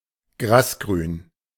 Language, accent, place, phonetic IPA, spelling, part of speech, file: German, Germany, Berlin, [ˈɡʁaːsˌɡʁyːn], grasgrün, adjective, De-grasgrün.ogg
- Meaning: grass-green